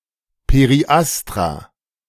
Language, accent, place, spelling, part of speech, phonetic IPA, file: German, Germany, Berlin, Periastra, noun, [peʁiˈʔastʁa], De-Periastra.ogg
- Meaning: plural of Periastron